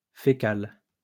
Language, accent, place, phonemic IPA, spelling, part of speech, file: French, France, Lyon, /fe.kal/, fécal, adjective, LL-Q150 (fra)-fécal.wav
- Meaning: feces; fecal